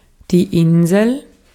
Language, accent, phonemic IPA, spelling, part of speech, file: German, Austria, /ˈɪnzəl/, Insel, noun, De-at-Insel.ogg
- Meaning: an island, an isle